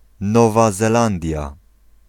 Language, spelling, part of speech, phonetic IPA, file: Polish, Nowa Zelandia, proper noun, [ˈnɔva zɛˈlãndʲja], Pl-Nowa Zelandia.ogg